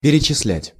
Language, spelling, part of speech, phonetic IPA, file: Russian, перечислять, verb, [pʲɪrʲɪt͡ɕɪs⁽ʲ⁾ˈlʲætʲ], Ru-перечислять.ogg
- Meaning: 1. to enumerate, to list (to specify each member of a sequence individually in incrementing order) 2. to transfer (funds, wages)